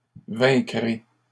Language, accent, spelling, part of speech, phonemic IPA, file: French, Canada, vaincrez, verb, /vɛ̃.kʁe/, LL-Q150 (fra)-vaincrez.wav
- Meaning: second-person plural future of vaincre